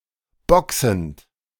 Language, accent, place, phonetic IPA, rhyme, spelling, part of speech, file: German, Germany, Berlin, [ˈbɔksn̩t], -ɔksn̩t, boxend, verb, De-boxend.ogg
- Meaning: present participle of boxen